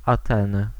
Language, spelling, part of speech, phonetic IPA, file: Polish, Ateny, proper noun / noun, [aˈtɛ̃nɨ], Pl-Ateny.ogg